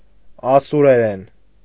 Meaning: Assyrian dialect of the Akkadian language
- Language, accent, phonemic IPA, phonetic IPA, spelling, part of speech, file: Armenian, Eastern Armenian, /ɑsuɾeˈɾen/, [ɑsuɾeɾén], ասուրերեն, noun, Hy-ասուրերեն.ogg